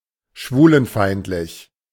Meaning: homophobic, anti-gay
- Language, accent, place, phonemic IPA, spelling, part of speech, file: German, Germany, Berlin, /ˈʃvuːlənˌfaɪ̯ntlɪç/, schwulenfeindlich, adjective, De-schwulenfeindlich.ogg